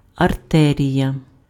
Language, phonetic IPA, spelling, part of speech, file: Ukrainian, [ɐrˈtɛrʲijɐ], артерія, noun, Uk-артерія.ogg
- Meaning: artery